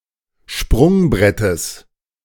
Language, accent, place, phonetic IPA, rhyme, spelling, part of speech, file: German, Germany, Berlin, [ˈʃpʁʊŋˌbʁɛtəs], -ʊŋbʁɛtəs, Sprungbrettes, noun, De-Sprungbrettes.ogg
- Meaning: genitive singular of Sprungbrett